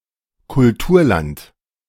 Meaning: 1. cultivable land, cultivated land 2. land with a deep cultural heritage and a rich history of cultural development, country with a high degree of civilization
- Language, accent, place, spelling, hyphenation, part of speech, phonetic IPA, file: German, Germany, Berlin, Kulturland, Kul‧tur‧land, noun, [kʊlˈtuːɐ̯ˌlant], De-Kulturland.ogg